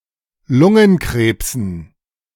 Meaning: dative plural of Lungenkrebs
- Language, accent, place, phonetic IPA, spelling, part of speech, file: German, Germany, Berlin, [ˈlʊŋənˌkʁeːpsn̩], Lungenkrebsen, noun, De-Lungenkrebsen.ogg